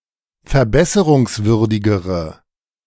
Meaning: inflection of verbesserungswürdig: 1. strong/mixed nominative/accusative feminine singular comparative degree 2. strong nominative/accusative plural comparative degree
- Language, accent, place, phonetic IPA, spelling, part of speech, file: German, Germany, Berlin, [fɛɐ̯ˈbɛsəʁʊŋsˌvʏʁdɪɡəʁə], verbesserungswürdigere, adjective, De-verbesserungswürdigere.ogg